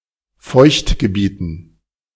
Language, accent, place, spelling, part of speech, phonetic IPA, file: German, Germany, Berlin, Feuchtgebieten, noun, [ˈfɔɪ̯çtɡəˌbiːtn̩], De-Feuchtgebieten.ogg
- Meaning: dative plural of Feuchtgebiet